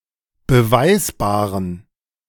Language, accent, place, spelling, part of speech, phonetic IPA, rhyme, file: German, Germany, Berlin, beweisbaren, adjective, [bəˈvaɪ̯sbaːʁən], -aɪ̯sbaːʁən, De-beweisbaren.ogg
- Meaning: inflection of beweisbar: 1. strong genitive masculine/neuter singular 2. weak/mixed genitive/dative all-gender singular 3. strong/weak/mixed accusative masculine singular 4. strong dative plural